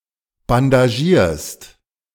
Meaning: second-person singular present of bandagieren
- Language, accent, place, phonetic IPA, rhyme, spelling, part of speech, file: German, Germany, Berlin, [bandaˈʒiːɐ̯st], -iːɐ̯st, bandagierst, verb, De-bandagierst.ogg